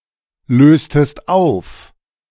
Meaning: inflection of auflösen: 1. second-person singular preterite 2. second-person singular subjunctive II
- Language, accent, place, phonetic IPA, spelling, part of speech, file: German, Germany, Berlin, [ˌløːstəst ˈaʊ̯f], löstest auf, verb, De-löstest auf.ogg